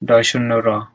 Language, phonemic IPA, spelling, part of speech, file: Bengali, /ɾ̠ɔ/, ড়, character, Bn-ড়.ogg
- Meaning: The 44th character in the Bengali abugida